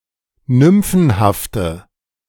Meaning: inflection of nymphenhaft: 1. strong/mixed nominative/accusative feminine singular 2. strong nominative/accusative plural 3. weak nominative all-gender singular
- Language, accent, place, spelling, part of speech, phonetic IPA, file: German, Germany, Berlin, nymphenhafte, adjective, [ˈnʏmfn̩haftə], De-nymphenhafte.ogg